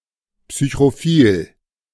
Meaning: psychrophilic
- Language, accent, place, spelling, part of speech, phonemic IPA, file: German, Germany, Berlin, psychrophil, adjective, /psyçʁoˈfiːl/, De-psychrophil.ogg